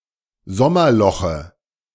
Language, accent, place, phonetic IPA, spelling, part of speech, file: German, Germany, Berlin, [ˈzɔmɐˌlɔxə], Sommerloche, noun, De-Sommerloche.ogg
- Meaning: dative of Sommerloch